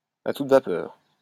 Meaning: at full steam, at full throttle, full blast
- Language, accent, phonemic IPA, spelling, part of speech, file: French, France, /a tut va.pœʁ/, à toute vapeur, adverb, LL-Q150 (fra)-à toute vapeur.wav